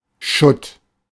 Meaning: rubbish, rubble
- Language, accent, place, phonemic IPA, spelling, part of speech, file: German, Germany, Berlin, /ʃʊt/, Schutt, noun, De-Schutt.ogg